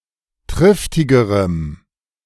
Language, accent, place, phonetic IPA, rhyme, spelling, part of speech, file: German, Germany, Berlin, [ˈtʁɪftɪɡəʁəm], -ɪftɪɡəʁəm, triftigerem, adjective, De-triftigerem.ogg
- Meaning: strong dative masculine/neuter singular comparative degree of triftig